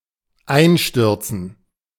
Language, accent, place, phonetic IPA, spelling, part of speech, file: German, Germany, Berlin, [ˈaɪ̯nˌʃtʏʁt͡sn̩], einstürzen, verb, De-einstürzen.ogg
- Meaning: to collapse